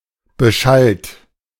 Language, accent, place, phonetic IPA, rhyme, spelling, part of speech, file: German, Germany, Berlin, [bəˈʃalt], -alt, beschallt, verb, De-beschallt.ogg
- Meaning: 1. past participle of beschallen 2. inflection of beschallen: second-person plural present 3. inflection of beschallen: third-person singular present 4. inflection of beschallen: plural imperative